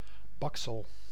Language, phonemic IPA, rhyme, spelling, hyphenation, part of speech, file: Dutch, /ˈbɑk.səl/, -ɑksəl, baksel, bak‧sel, noun, Nl-baksel.ogg
- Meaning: something that has been baked